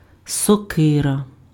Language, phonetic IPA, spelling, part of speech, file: Ukrainian, [sɔˈkɪrɐ], сокира, noun, Uk-сокира.ogg
- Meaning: axe